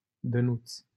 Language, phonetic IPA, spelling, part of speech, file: Romanian, [dəˈnut͡s], Dănuț, proper noun, LL-Q7913 (ron)-Dănuț.wav
- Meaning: a diminutive of the male given name Dan, equivalent to English Danny